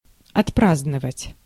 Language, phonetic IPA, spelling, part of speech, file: Russian, [ɐtˈpraznəvətʲ], отпраздновать, verb, Ru-отпраздновать.ogg
- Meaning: to celebrate